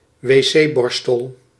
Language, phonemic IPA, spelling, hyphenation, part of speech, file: Dutch, /ʋeːˈseːˌbɔr.stəl/, wc-borstel, wc-bor‧stel, noun, Nl-wc-borstel.ogg
- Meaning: toilet brush